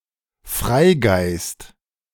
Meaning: free spirit
- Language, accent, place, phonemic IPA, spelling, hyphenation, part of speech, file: German, Germany, Berlin, /ˈfʁaɪ̯ˌɡaɪ̯st/, Freigeist, Frei‧geist, noun, De-Freigeist.ogg